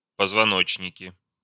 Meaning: nominative/accusative plural of позвоно́чник (pozvonóčnik)
- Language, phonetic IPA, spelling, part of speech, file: Russian, [pəzvɐˈnot͡ɕnʲɪkʲɪ], позвоночники, noun, Ru-позвоночники.ogg